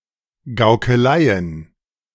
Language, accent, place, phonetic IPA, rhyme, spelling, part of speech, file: German, Germany, Berlin, [ɡaʊ̯kəˈlaɪ̯ən], -aɪ̯ən, Gaukeleien, noun, De-Gaukeleien.ogg
- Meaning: plural of Gaukelei